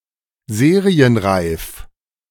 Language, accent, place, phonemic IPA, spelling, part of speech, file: German, Germany, Berlin, /ˈzeːʁi̯ənˌʁaɪ̯f/, serienreif, adjective, De-serienreif.ogg
- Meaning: ready for serial production